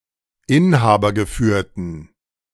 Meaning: inflection of inhabergeführt: 1. strong genitive masculine/neuter singular 2. weak/mixed genitive/dative all-gender singular 3. strong/weak/mixed accusative masculine singular 4. strong dative plural
- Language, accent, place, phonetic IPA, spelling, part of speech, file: German, Germany, Berlin, [ˈɪnhaːbɐɡəˌfyːɐ̯tn̩], inhabergeführten, adjective, De-inhabergeführten.ogg